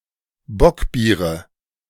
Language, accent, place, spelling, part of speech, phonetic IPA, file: German, Germany, Berlin, Bockbiere, noun, [ˈbɔkˌbiːʁə], De-Bockbiere.ogg
- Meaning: nominative/accusative/genitive plural of Bockbier